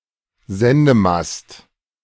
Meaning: broadcast mast
- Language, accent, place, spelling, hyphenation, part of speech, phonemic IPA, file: German, Germany, Berlin, Sendemast, Sen‧de‧mast, noun, /ˈzɛndəˌmast/, De-Sendemast.ogg